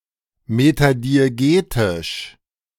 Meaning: metadiegetic
- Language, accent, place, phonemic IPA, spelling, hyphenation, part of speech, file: German, Germany, Berlin, /ˌmetadieˈɡeːtɪʃ/, metadiegetisch, me‧ta‧di‧e‧ge‧tisch, adjective, De-metadiegetisch.ogg